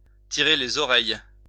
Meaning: 1. to tell off, to lecture, to give (someone) an earbashing, to straighten out 2. to catch heat, to catch hell
- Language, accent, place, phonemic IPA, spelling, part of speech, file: French, France, Lyon, /ti.ʁe le.z‿ɔ.ʁɛj/, tirer les oreilles, verb, LL-Q150 (fra)-tirer les oreilles.wav